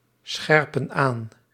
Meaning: inflection of aanscherpen: 1. plural present indicative 2. plural present subjunctive
- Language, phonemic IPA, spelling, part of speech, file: Dutch, /ˈsxɛrpə(n) ˈan/, scherpen aan, verb, Nl-scherpen aan.ogg